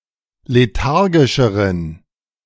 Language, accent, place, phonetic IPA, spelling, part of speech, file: German, Germany, Berlin, [leˈtaʁɡɪʃəʁən], lethargischeren, adjective, De-lethargischeren.ogg
- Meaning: inflection of lethargisch: 1. strong genitive masculine/neuter singular comparative degree 2. weak/mixed genitive/dative all-gender singular comparative degree